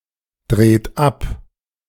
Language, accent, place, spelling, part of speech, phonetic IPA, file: German, Germany, Berlin, dreht ab, verb, [ˌdʁeːt ˈap], De-dreht ab.ogg
- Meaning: inflection of abdrehen: 1. third-person singular present 2. second-person plural present 3. plural imperative